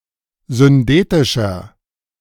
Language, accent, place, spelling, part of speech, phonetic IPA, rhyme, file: German, Germany, Berlin, syndetischer, adjective, [zʏnˈdeːtɪʃɐ], -eːtɪʃɐ, De-syndetischer.ogg
- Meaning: inflection of syndetisch: 1. strong/mixed nominative masculine singular 2. strong genitive/dative feminine singular 3. strong genitive plural